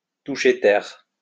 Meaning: 1. to come ashore, to land 2. to touch down, to land
- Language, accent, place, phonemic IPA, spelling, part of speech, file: French, France, Lyon, /tu.ʃe tɛʁ/, toucher terre, verb, LL-Q150 (fra)-toucher terre.wav